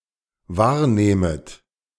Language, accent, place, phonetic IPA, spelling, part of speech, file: German, Germany, Berlin, [ˈvaːɐ̯ˌneːmət], wahrnehmet, verb, De-wahrnehmet.ogg
- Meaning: second-person plural dependent subjunctive I of wahrnehmen